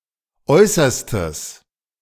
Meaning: strong/mixed nominative/accusative neuter singular of äußerste
- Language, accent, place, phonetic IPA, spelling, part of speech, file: German, Germany, Berlin, [ˈɔɪ̯sɐstəs], äußerstes, adjective, De-äußerstes.ogg